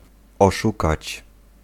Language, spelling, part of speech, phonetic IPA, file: Polish, oszukać, verb, [ɔˈʃukat͡ɕ], Pl-oszukać.ogg